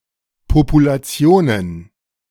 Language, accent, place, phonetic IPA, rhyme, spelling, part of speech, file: German, Germany, Berlin, [populaˈt͡si̯oːnən], -oːnən, Populationen, noun, De-Populationen.ogg
- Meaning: plural of Population